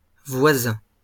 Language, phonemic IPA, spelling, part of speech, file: French, /vwa.zɛ̃/, voisins, noun, LL-Q150 (fra)-voisins.wav
- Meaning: plural of voisin